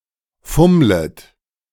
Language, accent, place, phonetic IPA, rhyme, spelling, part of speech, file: German, Germany, Berlin, [ˈfʊmlət], -ʊmlət, fummlet, verb, De-fummlet.ogg
- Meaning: second-person plural subjunctive I of fummeln